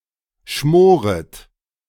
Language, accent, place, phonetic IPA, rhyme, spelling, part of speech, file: German, Germany, Berlin, [ˈʃmoːʁət], -oːʁət, schmoret, verb, De-schmoret.ogg
- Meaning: second-person plural subjunctive I of schmoren